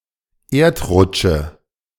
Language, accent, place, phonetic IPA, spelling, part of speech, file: German, Germany, Berlin, [ˈeːɐ̯tˌʁʊt͡ʃə], Erdrutsche, noun, De-Erdrutsche.ogg
- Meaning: nominative/accusative/genitive plural of Erdrutsch